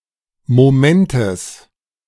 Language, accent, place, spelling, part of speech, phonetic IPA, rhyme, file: German, Germany, Berlin, Momentes, noun, [moˈmɛntəs], -ɛntəs, De-Momentes.ogg
- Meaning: genitive singular of Moment